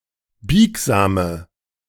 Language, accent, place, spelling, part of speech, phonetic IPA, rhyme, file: German, Germany, Berlin, biegsame, adjective, [ˈbiːkzaːmə], -iːkzaːmə, De-biegsame.ogg
- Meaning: inflection of biegsam: 1. strong/mixed nominative/accusative feminine singular 2. strong nominative/accusative plural 3. weak nominative all-gender singular 4. weak accusative feminine/neuter singular